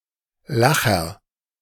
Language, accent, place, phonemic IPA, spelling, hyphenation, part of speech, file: German, Germany, Berlin, /ˈlaxɐ/, Lacher, La‧cher, noun, De-Lacher.ogg
- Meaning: 1. laugher 2. laugh